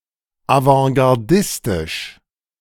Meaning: avantgardistic
- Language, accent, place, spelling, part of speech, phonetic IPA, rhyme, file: German, Germany, Berlin, avantgardistisch, adjective, [avɑ̃ɡaʁˈdɪstɪʃ], -ɪstɪʃ, De-avantgardistisch.ogg